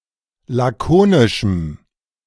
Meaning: strong dative masculine/neuter singular of lakonisch
- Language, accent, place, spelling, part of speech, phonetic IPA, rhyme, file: German, Germany, Berlin, lakonischem, adjective, [ˌlaˈkoːnɪʃm̩], -oːnɪʃm̩, De-lakonischem.ogg